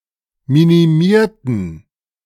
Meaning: inflection of minimieren: 1. first/third-person plural preterite 2. first/third-person plural subjunctive II
- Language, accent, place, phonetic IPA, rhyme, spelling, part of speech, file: German, Germany, Berlin, [ˌminiˈmiːɐ̯tn̩], -iːɐ̯tn̩, minimierten, adjective / verb, De-minimierten.ogg